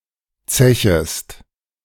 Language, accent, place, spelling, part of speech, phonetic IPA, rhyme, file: German, Germany, Berlin, zechest, verb, [ˈt͡sɛçəst], -ɛçəst, De-zechest.ogg
- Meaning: second-person singular subjunctive I of zechen